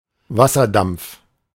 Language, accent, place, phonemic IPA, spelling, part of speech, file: German, Germany, Berlin, /ˈvasɐˌdamp͡f/, Wasserdampf, noun, De-Wasserdampf.ogg
- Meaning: 1. steam 2. water vapour / water vapor